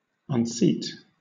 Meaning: 1. To dislodge or remove (someone) from a seat, especially on horseback 2. To remove (someone) from an office or position, especially a political one; to dethrone
- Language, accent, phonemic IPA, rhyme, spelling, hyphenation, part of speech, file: English, Southern England, /(ˌ)ʌnˈsiːt/, -iːt, unseat, un‧seat, verb, LL-Q1860 (eng)-unseat.wav